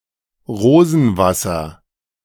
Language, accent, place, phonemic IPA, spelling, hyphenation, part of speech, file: German, Germany, Berlin, /ˈʁoːzn̩ˌvasɐ/, Rosenwasser, Ro‧sen‧was‧ser, noun, De-Rosenwasser.ogg
- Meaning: rose water